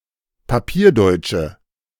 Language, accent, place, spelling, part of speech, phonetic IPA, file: German, Germany, Berlin, papierdeutsche, adjective, [paˈpiːɐ̯ˌdɔɪ̯t͡ʃə], De-papierdeutsche.ogg
- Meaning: inflection of papierdeutsch: 1. strong/mixed nominative/accusative feminine singular 2. strong nominative/accusative plural 3. weak nominative all-gender singular